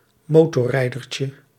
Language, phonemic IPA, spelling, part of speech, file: Dutch, /ˈmotɔˌrɛidərcə/, motorrijdertje, noun, Nl-motorrijdertje.ogg
- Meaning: diminutive of motorrijder